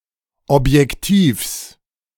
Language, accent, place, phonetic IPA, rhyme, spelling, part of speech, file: German, Germany, Berlin, [ˌɔpjɛkˈtiːfs], -iːfs, Objektivs, noun, De-Objektivs.ogg
- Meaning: genitive singular of Objektiv